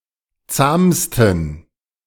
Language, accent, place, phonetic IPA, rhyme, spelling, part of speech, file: German, Germany, Berlin, [ˈt͡saːmstn̩], -aːmstn̩, zahmsten, adjective, De-zahmsten.ogg
- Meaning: 1. superlative degree of zahm 2. inflection of zahm: strong genitive masculine/neuter singular superlative degree